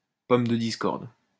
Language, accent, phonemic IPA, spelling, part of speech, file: French, France, /pɔm də dis.kɔʁd/, pomme de discorde, noun, LL-Q150 (fra)-pomme de discorde.wav
- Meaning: apple of discord, bone of contention